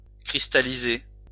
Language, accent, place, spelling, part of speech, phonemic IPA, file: French, France, Lyon, cristalliser, verb, /kʁis.ta.li.ze/, LL-Q150 (fra)-cristalliser.wav
- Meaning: 1. to crystallize 2. to freeze